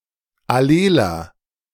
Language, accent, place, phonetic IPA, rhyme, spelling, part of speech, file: German, Germany, Berlin, [aˈleːlɐ], -eːlɐ, alleler, adjective, De-alleler.ogg
- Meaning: inflection of allel: 1. strong/mixed nominative masculine singular 2. strong genitive/dative feminine singular 3. strong genitive plural